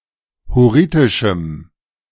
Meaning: strong dative masculine/neuter singular of hurritisch
- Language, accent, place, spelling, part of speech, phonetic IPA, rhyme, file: German, Germany, Berlin, hurritischem, adjective, [hʊˈʁiːtɪʃm̩], -iːtɪʃm̩, De-hurritischem.ogg